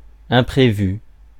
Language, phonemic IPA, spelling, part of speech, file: French, /ɛ̃.pʁe.vy/, imprévu, adjective / noun, Fr-imprévu.ogg
- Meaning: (adjective) unforeseen, unexpected; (noun) unforeseen event